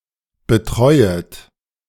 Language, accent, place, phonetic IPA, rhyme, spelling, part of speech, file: German, Germany, Berlin, [bəˈtʁɔɪ̯ət], -ɔɪ̯ət, betreuet, verb, De-betreuet.ogg
- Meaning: second-person plural subjunctive I of betreuen